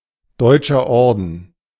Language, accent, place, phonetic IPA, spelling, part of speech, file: German, Germany, Berlin, [ˈdɔɪ̯t͡ʃɐ ˈɔʁdn̩], Deutscher Orden, proper noun, De-Deutscher Orden.ogg
- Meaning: Teutonic Order (religious order)